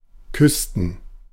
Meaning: inflection of küssen: 1. first/third-person plural preterite 2. first/third-person plural subjunctive II
- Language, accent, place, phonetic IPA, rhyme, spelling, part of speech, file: German, Germany, Berlin, [ˈkʏstn̩], -ʏstn̩, küssten, verb, De-küssten.ogg